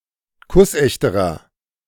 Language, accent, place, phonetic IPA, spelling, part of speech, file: German, Germany, Berlin, [ˈkʊsˌʔɛçtəʁɐ], kussechterer, adjective, De-kussechterer.ogg
- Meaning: inflection of kussecht: 1. strong/mixed nominative masculine singular comparative degree 2. strong genitive/dative feminine singular comparative degree 3. strong genitive plural comparative degree